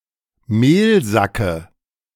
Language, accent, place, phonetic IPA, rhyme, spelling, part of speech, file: German, Germany, Berlin, [ˈmeːlˌzakə], -eːlzakə, Mehlsacke, noun, De-Mehlsacke.ogg
- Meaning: dative of Mehlsack